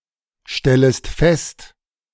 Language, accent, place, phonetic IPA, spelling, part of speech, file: German, Germany, Berlin, [ˌʃtɛləst ˈfɛst], stellest fest, verb, De-stellest fest.ogg
- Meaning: second-person singular subjunctive I of feststellen